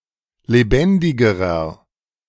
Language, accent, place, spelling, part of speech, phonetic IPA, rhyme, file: German, Germany, Berlin, lebendigerer, adjective, [leˈbɛndɪɡəʁɐ], -ɛndɪɡəʁɐ, De-lebendigerer.ogg
- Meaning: inflection of lebendig: 1. strong/mixed nominative masculine singular comparative degree 2. strong genitive/dative feminine singular comparative degree 3. strong genitive plural comparative degree